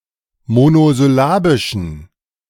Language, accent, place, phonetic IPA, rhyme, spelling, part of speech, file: German, Germany, Berlin, [monozʏˈlaːbɪʃn̩], -aːbɪʃn̩, monosyllabischen, adjective, De-monosyllabischen.ogg
- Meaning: inflection of monosyllabisch: 1. strong genitive masculine/neuter singular 2. weak/mixed genitive/dative all-gender singular 3. strong/weak/mixed accusative masculine singular 4. strong dative plural